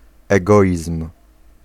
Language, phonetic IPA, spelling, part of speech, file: Polish, [ɛˈɡɔʲism̥], egoizm, noun, Pl-egoizm.ogg